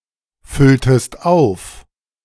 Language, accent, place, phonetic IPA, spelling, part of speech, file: German, Germany, Berlin, [ˌfʏltəst ˈaʊ̯f], fülltest auf, verb, De-fülltest auf.ogg
- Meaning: inflection of auffüllen: 1. second-person singular preterite 2. second-person singular subjunctive II